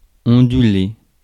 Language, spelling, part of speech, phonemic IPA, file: French, onduler, verb, /ɔ̃.dy.le/, Fr-onduler.ogg
- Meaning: to undulate, to ripple, to wave